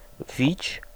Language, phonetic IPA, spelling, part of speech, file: Polish, [vʲit͡ɕ], wić, noun / verb, Pl-wić.ogg